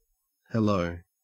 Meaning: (interjection) 1. A greeting (salutation) said when meeting someone or acknowledging someone’s arrival or presence 2. A greeting used when answering the telephone
- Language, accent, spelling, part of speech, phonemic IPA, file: English, Australia, hello, interjection / noun / verb, /həˈləʉ/, En-au-hello.ogg